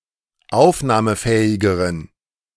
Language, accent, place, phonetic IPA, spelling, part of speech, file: German, Germany, Berlin, [ˈaʊ̯fnaːməˌfɛːɪɡəʁən], aufnahmefähigeren, adjective, De-aufnahmefähigeren.ogg
- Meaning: inflection of aufnahmefähig: 1. strong genitive masculine/neuter singular comparative degree 2. weak/mixed genitive/dative all-gender singular comparative degree